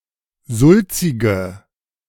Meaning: inflection of sulzig: 1. strong/mixed nominative/accusative feminine singular 2. strong nominative/accusative plural 3. weak nominative all-gender singular 4. weak accusative feminine/neuter singular
- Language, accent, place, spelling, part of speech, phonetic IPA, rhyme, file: German, Germany, Berlin, sulzige, adjective, [ˈzʊlt͡sɪɡə], -ʊlt͡sɪɡə, De-sulzige.ogg